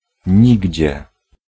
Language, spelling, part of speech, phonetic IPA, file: Polish, nigdzie, adverb, [ˈɲiɟd͡ʑɛ], Pl-nigdzie.ogg